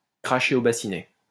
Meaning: to cough up money, to pony up money (to give up money reluctantly)
- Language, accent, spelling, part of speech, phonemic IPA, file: French, France, cracher au bassinet, verb, /kʁa.ʃe o ba.si.nɛ/, LL-Q150 (fra)-cracher au bassinet.wav